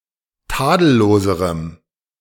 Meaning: strong dative masculine/neuter singular comparative degree of tadellos
- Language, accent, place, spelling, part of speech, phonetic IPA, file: German, Germany, Berlin, tadelloserem, adjective, [ˈtaːdl̩ˌloːzəʁəm], De-tadelloserem.ogg